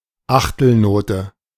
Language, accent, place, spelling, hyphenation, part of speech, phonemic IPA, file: German, Germany, Berlin, Achtelnote, Ach‧tel‧no‧te, noun, /ˈaxtl̩ˌnoːtə/, De-Achtelnote.ogg
- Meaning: quaver, eighth note